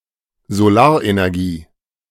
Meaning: solar energy
- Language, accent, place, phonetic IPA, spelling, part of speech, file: German, Germany, Berlin, [zoˈlaːɐ̯ʔenɛʁˌɡiː], Solarenergie, noun, De-Solarenergie.ogg